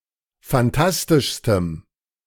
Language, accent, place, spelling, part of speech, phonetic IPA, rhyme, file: German, Germany, Berlin, fantastischstem, adjective, [fanˈtastɪʃstəm], -astɪʃstəm, De-fantastischstem.ogg
- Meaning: strong dative masculine/neuter singular superlative degree of fantastisch